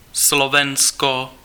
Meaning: Slovakia (a country in Central Europe; official name: Slovenská republika; capital: Bratislava)
- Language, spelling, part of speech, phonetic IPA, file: Czech, Slovensko, proper noun, [ˈslovɛnsko], Cs-Slovensko.ogg